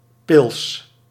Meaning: 1. pilsner beer 2. lager beer
- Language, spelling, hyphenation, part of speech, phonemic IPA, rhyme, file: Dutch, pils, pils, noun, /pɪls/, -ɪls, Nl-pils.ogg